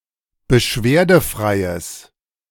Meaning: strong/mixed nominative/accusative neuter singular of beschwerdefrei
- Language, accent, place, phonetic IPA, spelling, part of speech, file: German, Germany, Berlin, [bəˈʃveːɐ̯dəˌfʁaɪ̯əs], beschwerdefreies, adjective, De-beschwerdefreies.ogg